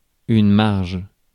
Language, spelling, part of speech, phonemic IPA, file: French, marge, noun, /maʁʒ/, Fr-marge.ogg
- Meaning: 1. margin (of paper, etc) 2. markup (percentage or amount added to buy-in price)